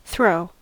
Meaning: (verb) 1. To hurl; to release (an object) with some force from one’s hands, an apparatus, etc. so that it moves rapidly through the air 2. To eject or cause to fall off
- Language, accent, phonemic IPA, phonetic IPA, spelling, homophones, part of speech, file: English, General American, /θɹoʊ/, [θɾ̪̊oʊ], throw, throe, verb / noun, En-us-throw.ogg